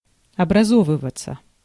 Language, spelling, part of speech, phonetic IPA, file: Russian, образовываться, verb, [ɐbrɐˈzovɨvət͡sə], Ru-образовываться.ogg
- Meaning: passive of образо́вывать (obrazóvyvatʹ)